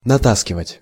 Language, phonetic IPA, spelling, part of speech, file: Russian, [nɐˈtaskʲɪvətʲ], натаскивать, verb, Ru-натаскивать.ogg
- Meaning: 1. to carry or drag (an amount of something, in several batches) 2. to steal (an amount of something) 3. to store (an amount of something) 4. to train (an animal)